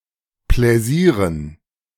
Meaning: dative plural of Pläsier
- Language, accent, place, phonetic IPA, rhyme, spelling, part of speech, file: German, Germany, Berlin, [ˌplɛˈziːʁən], -iːʁən, Pläsieren, noun, De-Pläsieren.ogg